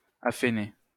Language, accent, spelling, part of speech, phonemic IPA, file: French, France, affener, verb, /af.ne/, LL-Q150 (fra)-affener.wav
- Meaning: to graze, pasture cattle